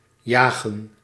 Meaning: 1. to hunt 2. to tug (a boat) (not by other vessels) 3. to move quickly
- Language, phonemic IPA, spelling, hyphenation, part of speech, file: Dutch, /ˈjaːɣə(n)/, jagen, ja‧gen, verb, Nl-jagen.ogg